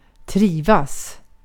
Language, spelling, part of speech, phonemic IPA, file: Swedish, trivas, verb, /ˈtriːˌvas/, Sv-trivas.ogg
- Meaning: 1. To feel a durable sense of comfort and satisfaction 2. To be acclimatized to (of plants and animals)